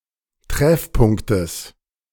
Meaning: genitive singular of Treffpunkt
- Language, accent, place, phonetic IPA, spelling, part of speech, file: German, Germany, Berlin, [ˈtʁɛfˌpʊŋktəs], Treffpunktes, noun, De-Treffpunktes.ogg